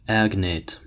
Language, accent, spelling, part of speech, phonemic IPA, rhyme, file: English, US, agnate, noun / adjective, /ˈæɡneɪt/, -æɡneɪt, En-us-agnate.ogg
- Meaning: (noun) 1. A relative whose relation is traced only through male members of the family 2. Any paternal male relative 3. A statement having a similar meaning to another, but a different structure